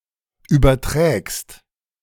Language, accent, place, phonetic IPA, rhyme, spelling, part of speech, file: German, Germany, Berlin, [ˌyːbɐˈtʁɛːkst], -ɛːkst, überträgst, verb, De-überträgst.ogg
- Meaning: second-person singular present of übertragen